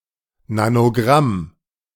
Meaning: nanogram
- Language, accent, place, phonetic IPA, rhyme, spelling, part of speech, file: German, Germany, Berlin, [nanoˈɡʁam], -am, Nanogramm, noun, De-Nanogramm.ogg